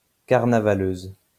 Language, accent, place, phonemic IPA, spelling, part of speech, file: French, France, Lyon, /kaʁ.na.va.løz/, carnavaleuse, noun, LL-Q150 (fra)-carnavaleuse.wav
- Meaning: female equivalent of carnavaleux